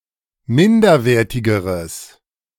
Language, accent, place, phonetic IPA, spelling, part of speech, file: German, Germany, Berlin, [ˈmɪndɐˌveːɐ̯tɪɡəʁəs], minderwertigeres, adjective, De-minderwertigeres.ogg
- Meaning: strong/mixed nominative/accusative neuter singular comparative degree of minderwertig